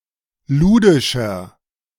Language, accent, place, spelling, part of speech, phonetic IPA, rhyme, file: German, Germany, Berlin, ludischer, adjective, [ˈluːdɪʃɐ], -uːdɪʃɐ, De-ludischer.ogg
- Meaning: inflection of ludisch: 1. strong/mixed nominative masculine singular 2. strong genitive/dative feminine singular 3. strong genitive plural